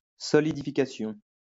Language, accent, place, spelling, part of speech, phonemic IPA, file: French, France, Lyon, solidification, noun, /sɔ.li.di.fi.ka.sjɔ̃/, LL-Q150 (fra)-solidification.wav
- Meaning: solidification